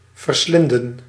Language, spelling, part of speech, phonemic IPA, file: Dutch, verslinden, verb, /vərˈslɪndə(n)/, Nl-verslinden.ogg
- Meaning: to devour, to eat greedily